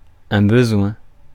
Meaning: 1. need 2. want (state of being in need)
- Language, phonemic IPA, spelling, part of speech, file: French, /bə.zwɛ̃/, besoin, noun, Fr-besoin.ogg